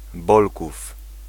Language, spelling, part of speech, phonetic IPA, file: Polish, Bolków, proper noun, [ˈbɔlkuf], Pl-Bolków.ogg